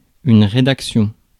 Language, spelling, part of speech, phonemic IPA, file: French, rédaction, noun, /ʁe.dak.sjɔ̃/, Fr-rédaction.ogg
- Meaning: 1. editing (act of editing e.g. a newspaper) 2. editorial staff 3. writing, piece of writing 4. essay (written composition)